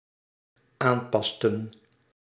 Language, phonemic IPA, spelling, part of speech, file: Dutch, /ˈampɑstə(n)/, aanpasten, verb, Nl-aanpasten.ogg
- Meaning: inflection of aanpassen: 1. plural dependent-clause past indicative 2. plural dependent-clause past subjunctive